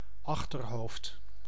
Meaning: back of the head, occiput
- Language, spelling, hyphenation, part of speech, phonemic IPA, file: Dutch, achterhoofd, ach‧ter‧hoofd, noun, /ˈɑx.tərˌɦoːft/, Nl-achterhoofd.ogg